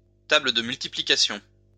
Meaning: multiplication table
- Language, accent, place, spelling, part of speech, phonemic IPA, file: French, France, Lyon, table de multiplication, noun, /ta.blə d(ə) myl.ti.pli.ka.sjɔ̃/, LL-Q150 (fra)-table de multiplication.wav